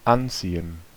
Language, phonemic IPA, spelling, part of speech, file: German, /ˈantsiːən/, anziehen, verb, De-anziehen.ogg
- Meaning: senses related to dressing: 1. to get dressed 2. to dress (in a specific manner) 3. to put on; to dress oneself in 4. to dress (someone)